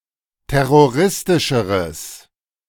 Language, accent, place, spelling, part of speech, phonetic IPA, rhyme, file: German, Germany, Berlin, terroristischeres, adjective, [ˌtɛʁoˈʁɪstɪʃəʁəs], -ɪstɪʃəʁəs, De-terroristischeres.ogg
- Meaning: strong/mixed nominative/accusative neuter singular comparative degree of terroristisch